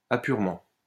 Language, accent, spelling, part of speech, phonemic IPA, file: French, France, apurement, noun, /a.pyʁ.mɑ̃/, LL-Q150 (fra)-apurement.wav
- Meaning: balancing (of an account)